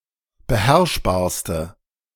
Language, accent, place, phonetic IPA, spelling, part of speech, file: German, Germany, Berlin, [bəˈhɛʁʃbaːɐ̯stə], beherrschbarste, adjective, De-beherrschbarste.ogg
- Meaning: inflection of beherrschbar: 1. strong/mixed nominative/accusative feminine singular superlative degree 2. strong nominative/accusative plural superlative degree